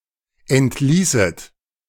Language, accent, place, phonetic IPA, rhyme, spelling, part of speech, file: German, Germany, Berlin, [ˌɛntˈliːsət], -iːsət, entließet, verb, De-entließet.ogg
- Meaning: second-person plural subjunctive II of entlassen